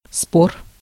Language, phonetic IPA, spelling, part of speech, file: Russian, [spor], спор, noun, Ru-спор.ogg
- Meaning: 1. dispute, controversy, argument, quarrel 2. bet, wager 3. argument 4. short male of спо́рый (spóryj) 5. genitive plural of спо́ра (spóra, “spore”)